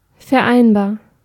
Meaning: 1. reconcilable 2. combinable 3. compatible
- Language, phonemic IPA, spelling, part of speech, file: German, /fɛɐ̯ˌaɪ̯nbaːɐ̯/, vereinbar, adjective, De-vereinbar.ogg